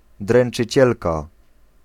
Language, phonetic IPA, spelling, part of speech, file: Polish, [ˌdrɛ̃n͇t͡ʃɨˈt͡ɕɛlka], dręczycielka, noun, Pl-dręczycielka.ogg